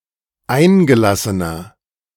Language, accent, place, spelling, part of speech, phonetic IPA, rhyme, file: German, Germany, Berlin, eingelassener, adjective, [ˈaɪ̯nɡəˌlasənɐ], -aɪ̯nɡəlasənɐ, De-eingelassener.ogg
- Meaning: inflection of eingelassen: 1. strong/mixed nominative masculine singular 2. strong genitive/dative feminine singular 3. strong genitive plural